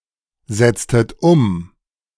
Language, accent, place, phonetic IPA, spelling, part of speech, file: German, Germany, Berlin, [ˌzɛt͡stət ˈʊm], setztet um, verb, De-setztet um.ogg
- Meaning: inflection of umsetzen: 1. second-person plural preterite 2. second-person plural subjunctive II